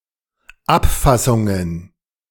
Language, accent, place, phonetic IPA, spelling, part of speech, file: German, Germany, Berlin, [ˈapˌfasʊŋən], Abfassungen, noun, De-Abfassungen.ogg
- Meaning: plural of Abfassung